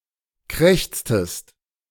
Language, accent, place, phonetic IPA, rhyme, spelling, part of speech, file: German, Germany, Berlin, [ˈkʁɛçt͡stəst], -ɛçt͡stəst, krächztest, verb, De-krächztest.ogg
- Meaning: inflection of krächzen: 1. second-person singular preterite 2. second-person singular subjunctive II